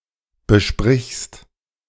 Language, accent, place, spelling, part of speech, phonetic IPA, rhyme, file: German, Germany, Berlin, besprichst, verb, [bəˈʃpʁɪçst], -ɪçst, De-besprichst.ogg
- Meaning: second-person singular present of besprechen